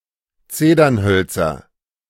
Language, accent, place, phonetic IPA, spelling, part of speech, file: German, Germany, Berlin, [ˈt͡seːdɐnˌhœlt͡sɐ], Zedernhölzer, noun, De-Zedernhölzer.ogg
- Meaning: nominative/accusative/genitive plural of Zedernholz